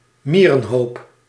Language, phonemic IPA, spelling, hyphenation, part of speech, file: Dutch, /ˈmiː.rə(n)ˌɦoːp/, mierenhoop, mie‧ren‧hoop, noun, Nl-mierenhoop.ogg
- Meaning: anthill